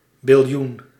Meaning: 1. a trillion, 10¹² 2. billion, 10⁹
- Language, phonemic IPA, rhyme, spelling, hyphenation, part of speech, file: Dutch, /bɪlˈjun/, -un, biljoen, bil‧joen, noun, Nl-biljoen.ogg